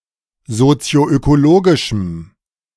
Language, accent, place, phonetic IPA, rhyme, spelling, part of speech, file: German, Germany, Berlin, [zot͡si̯oʔøkoˈloːɡɪʃm̩], -oːɡɪʃm̩, sozioökologischem, adjective, De-sozioökologischem.ogg
- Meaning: strong dative masculine/neuter singular of sozioökologisch